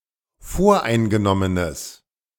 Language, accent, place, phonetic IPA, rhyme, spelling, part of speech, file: German, Germany, Berlin, [ˈfoːɐ̯ʔaɪ̯nɡəˌnɔmənəs], -aɪ̯nɡənɔmənəs, voreingenommenes, adjective, De-voreingenommenes.ogg
- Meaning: strong/mixed nominative/accusative neuter singular of voreingenommen